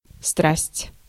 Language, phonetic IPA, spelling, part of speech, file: Russian, [strasʲtʲ], страсть, noun / adverb, Ru-страсть.ogg
- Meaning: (noun) 1. passion; obsession 2. strong love (between people) 3. strong obsession with, attraction to some activity 4. the subject of someone's passion 5. horror; suffering 6. horror (story)